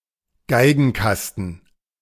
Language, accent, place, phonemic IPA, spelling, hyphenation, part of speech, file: German, Germany, Berlin, /ˈɡaɪ̯ɡn̩ˌkastn̩/, Geigenkasten, Gei‧gen‧kas‧ten, noun, De-Geigenkasten.ogg
- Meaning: violin case